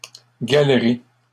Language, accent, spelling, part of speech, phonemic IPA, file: French, Canada, galeries, noun, /ɡal.ʁi/, LL-Q150 (fra)-galeries.wav
- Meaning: plural of galerie